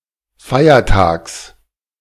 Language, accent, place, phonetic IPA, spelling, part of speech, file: German, Germany, Berlin, [ˈfaɪ̯ɐˌtaːks], Feiertags, noun, De-Feiertags.ogg
- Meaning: genitive singular of Feiertag